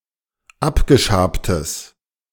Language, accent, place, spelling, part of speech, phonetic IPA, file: German, Germany, Berlin, abgeschabtes, adjective, [ˈapɡəˌʃaːptəs], De-abgeschabtes.ogg
- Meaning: strong/mixed nominative/accusative neuter singular of abgeschabt